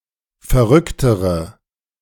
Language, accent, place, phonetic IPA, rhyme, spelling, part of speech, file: German, Germany, Berlin, [fɛɐ̯ˈʁʏktəʁə], -ʏktəʁə, verrücktere, adjective, De-verrücktere.ogg
- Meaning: inflection of verrückt: 1. strong/mixed nominative/accusative feminine singular comparative degree 2. strong nominative/accusative plural comparative degree